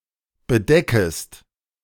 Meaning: second-person singular subjunctive I of bedecken
- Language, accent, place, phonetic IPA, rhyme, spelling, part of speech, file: German, Germany, Berlin, [bəˈdɛkəst], -ɛkəst, bedeckest, verb, De-bedeckest.ogg